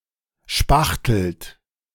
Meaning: inflection of spachteln: 1. second-person plural present 2. third-person singular present 3. plural imperative
- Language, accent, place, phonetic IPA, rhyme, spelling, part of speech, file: German, Germany, Berlin, [ˈʃpaxtl̩t], -axtl̩t, spachtelt, verb, De-spachtelt.ogg